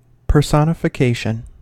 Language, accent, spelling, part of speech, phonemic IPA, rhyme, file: English, US, personification, noun, /pɚˌsɑ.nə.fəˈkeɪ.ʃən/, -eɪʃən, En-us-personification.ogg
- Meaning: 1. A person, thing, or name typifying a certain quality or idea; an embodiment or exemplification 2. An artistic representation of an abstract quality as a human